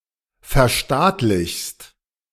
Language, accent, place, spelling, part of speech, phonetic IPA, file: German, Germany, Berlin, verstaatlichst, verb, [fɛɐ̯ˈʃtaːtlɪçst], De-verstaatlichst.ogg
- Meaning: second-person singular present of verstaatlichen